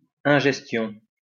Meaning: ingestion
- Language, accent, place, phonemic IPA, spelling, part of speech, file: French, France, Lyon, /ɛ̃.ʒɛs.tjɔ̃/, ingestion, noun, LL-Q150 (fra)-ingestion.wav